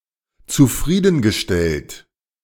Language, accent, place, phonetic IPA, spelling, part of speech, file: German, Germany, Berlin, [t͡suˈfʁiːdn̩ɡəˌʃtɛlt], zufriedengestellt, verb, De-zufriedengestellt.ogg
- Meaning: past participle of zufriedenstellen